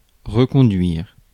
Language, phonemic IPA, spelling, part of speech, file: French, /ʁə.kɔ̃.dɥiʁ/, reconduire, verb, Fr-reconduire.ogg
- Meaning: 1. to renew 2. to accompany (somebody back somewhere); to take (back)